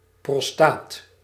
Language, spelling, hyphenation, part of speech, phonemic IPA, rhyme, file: Dutch, prostaat, pros‧taat, noun, /prɔsˈtaːt/, -aːt, Nl-prostaat.ogg
- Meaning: prostate